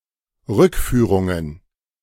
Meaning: plural of Rückführung
- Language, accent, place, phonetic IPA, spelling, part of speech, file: German, Germany, Berlin, [ˈʁʏkˌfyːʁʊŋən], Rückführungen, noun, De-Rückführungen.ogg